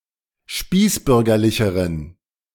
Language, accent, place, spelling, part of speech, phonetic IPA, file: German, Germany, Berlin, spießbürgerlicheren, adjective, [ˈʃpiːsˌbʏʁɡɐlɪçəʁən], De-spießbürgerlicheren.ogg
- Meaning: inflection of spießbürgerlich: 1. strong genitive masculine/neuter singular comparative degree 2. weak/mixed genitive/dative all-gender singular comparative degree